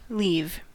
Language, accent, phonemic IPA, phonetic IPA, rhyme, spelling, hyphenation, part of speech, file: English, US, /ˈliːv/, [ˈlɪi̯v], -iːv, leave, leave, verb / noun, En-us-leave.ogg